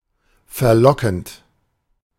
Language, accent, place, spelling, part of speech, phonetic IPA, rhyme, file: German, Germany, Berlin, verlockend, verb, [fɛɐ̯ˈlɔkn̩t], -ɔkn̩t, De-verlockend.ogg
- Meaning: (adjective) enticing; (verb) present participle of verlocken